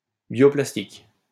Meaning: bioplastic
- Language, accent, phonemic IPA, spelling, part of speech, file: French, France, /bjo.plas.tik/, bioplastique, noun, LL-Q150 (fra)-bioplastique.wav